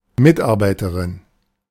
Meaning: associate, employee, colleague (female)
- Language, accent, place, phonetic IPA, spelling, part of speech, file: German, Germany, Berlin, [ˈmɪtʔaʁbaɪ̯təʁɪn], Mitarbeiterin, noun, De-Mitarbeiterin.ogg